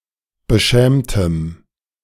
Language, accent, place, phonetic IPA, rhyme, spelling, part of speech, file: German, Germany, Berlin, [bəˈʃɛːmtəm], -ɛːmtəm, beschämtem, adjective, De-beschämtem.ogg
- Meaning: strong dative masculine/neuter singular of beschämt